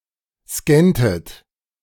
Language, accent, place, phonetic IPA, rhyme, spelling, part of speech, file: German, Germany, Berlin, [ˈskɛntət], -ɛntət, scanntet, verb, De-scanntet.ogg
- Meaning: inflection of scannen: 1. second-person plural preterite 2. second-person plural subjunctive II